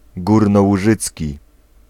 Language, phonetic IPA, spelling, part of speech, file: Polish, [ˌɡurnɔwuˈʒɨt͡sʲci], górnołużycki, adjective / noun, Pl-górnołużycki.ogg